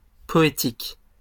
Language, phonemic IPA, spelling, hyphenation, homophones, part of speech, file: French, /pɔ.e.tik/, poétique, po‧é‧tique, poétiques, adjective, LL-Q150 (fra)-poétique.wav
- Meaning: poetic, poetical